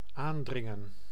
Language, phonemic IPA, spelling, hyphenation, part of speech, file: Dutch, /ˈaːnˌdrɪŋə(n)/, aandringen, aan‧drin‧gen, verb, Nl-aandringen.ogg
- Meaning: 1. to insist, to press on 2. to advance, to press on